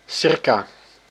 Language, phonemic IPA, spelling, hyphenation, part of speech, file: Dutch, /ˈsɪr.kaː/, circa, cir‧ca, preposition / adverb, Nl-circa.ogg
- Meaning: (preposition) circa: about, approximately